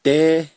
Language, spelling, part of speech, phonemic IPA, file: Navajo, dééh, noun, /téːh/, Nv-dééh.ogg
- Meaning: Navajo tea (Thelesperma ssp.), wild tea